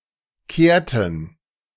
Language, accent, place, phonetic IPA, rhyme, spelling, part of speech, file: German, Germany, Berlin, [ˈkeːɐ̯tn̩], -eːɐ̯tn̩, kehrten, verb, De-kehrten.ogg
- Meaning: inflection of kehren: 1. first/third-person plural preterite 2. first/third-person plural subjunctive II